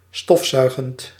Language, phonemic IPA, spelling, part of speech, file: Dutch, /ˈstɔf.ˌsœy̯.ɣənt/, stofzuigend, verb, Nl-stofzuigend.ogg
- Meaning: present participle of stofzuigen